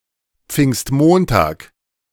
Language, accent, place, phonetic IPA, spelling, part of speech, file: German, Germany, Berlin, [pfɪŋstˈmoːntaːk], Pfingstmontag, noun, De-Pfingstmontag.ogg
- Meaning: Whit Monday, Pentecost Monday